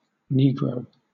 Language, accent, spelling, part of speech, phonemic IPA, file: English, Southern England, negro, adjective / noun, /ˈniːɡɹəʊ/, LL-Q1860 (eng)-negro.wav
- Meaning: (adjective) 1. Relating to a black ethnicity 2. Black or dark brown in color; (noun) 1. A person of black African ancestry 2. A slave, especially one of African ancestry